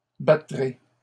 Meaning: second-person plural future of battre
- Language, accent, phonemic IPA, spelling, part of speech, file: French, Canada, /ba.tʁe/, battrez, verb, LL-Q150 (fra)-battrez.wav